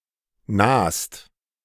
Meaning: second-person singular present of nahen
- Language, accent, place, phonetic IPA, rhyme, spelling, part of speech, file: German, Germany, Berlin, [naːst], -aːst, nahst, verb, De-nahst.ogg